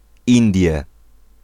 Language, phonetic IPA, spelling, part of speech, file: Polish, [ˈĩndʲjɛ], Indie, proper noun, Pl-Indie.ogg